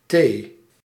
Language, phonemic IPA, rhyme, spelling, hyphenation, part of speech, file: Dutch, /teː/, -eː, thee, thee, noun, Nl-thee.ogg
- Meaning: 1. tea 2. tea-time, tea break, meeting in which tea is served 3. half-time